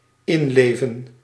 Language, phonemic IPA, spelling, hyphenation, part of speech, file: Dutch, /ˈɪnˌleːvə(n)/, inleven, in‧le‧ven, verb, Nl-inleven.ogg
- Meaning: to put oneself into somebody else's place, to put oneself in someone's shoes, to feel oneself as being somebody else, identify oneself with one's role, empathise with